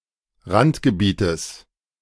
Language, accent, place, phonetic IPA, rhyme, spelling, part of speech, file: German, Germany, Berlin, [ˈʁantɡəˌbiːtəs], -antɡəbiːtəs, Randgebietes, noun, De-Randgebietes.ogg
- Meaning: genitive of Randgebiet